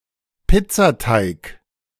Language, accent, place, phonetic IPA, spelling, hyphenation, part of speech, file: German, Germany, Berlin, [ˈpɪtsaˈtaɪ̯k], Pizzateig, Piz‧za‧teig, noun, De-Pizzateig.ogg
- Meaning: pizza dough